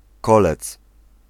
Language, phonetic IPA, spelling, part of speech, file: Polish, [ˈkɔlɛt͡s], kolec, noun, Pl-kolec.ogg